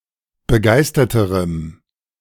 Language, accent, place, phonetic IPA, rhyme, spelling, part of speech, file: German, Germany, Berlin, [bəˈɡaɪ̯stɐtəʁəm], -aɪ̯stɐtəʁəm, begeisterterem, adjective, De-begeisterterem.ogg
- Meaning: strong dative masculine/neuter singular comparative degree of begeistert